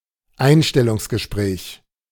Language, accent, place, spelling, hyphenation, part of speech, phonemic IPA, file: German, Germany, Berlin, Einstellungsgespräch, Ein‧stel‧lungs‧ge‧spräch, noun, /ˈaɪ̯nʃtɛlʊŋsɡəˌʃpʁɛːç/, De-Einstellungsgespräch.ogg
- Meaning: job interview